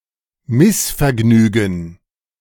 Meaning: displeasure, discontent, dissatisfaction (state of being dissatisfied)
- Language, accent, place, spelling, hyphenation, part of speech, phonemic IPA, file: German, Germany, Berlin, Missvergnügen, Miss‧ver‧gnü‧gen, noun, /ˈmɪsfɛɐ̯ˌɡnyːɡn̩/, De-Missvergnügen.ogg